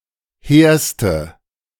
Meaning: inflection of hehr: 1. strong/mixed nominative/accusative feminine singular superlative degree 2. strong nominative/accusative plural superlative degree
- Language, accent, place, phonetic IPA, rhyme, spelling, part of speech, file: German, Germany, Berlin, [ˈheːɐ̯stə], -eːɐ̯stə, hehrste, adjective, De-hehrste.ogg